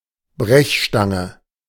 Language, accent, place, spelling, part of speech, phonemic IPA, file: German, Germany, Berlin, Brechstange, noun, /ˈbʁɛçˌʃtaŋə/, De-Brechstange.ogg
- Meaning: crowbar